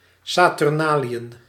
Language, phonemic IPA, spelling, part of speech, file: Dutch, /saː.tʏrˈnaː.li.ən/, saturnaliën, noun, Nl-saturnaliën.ogg
- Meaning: Saturnalia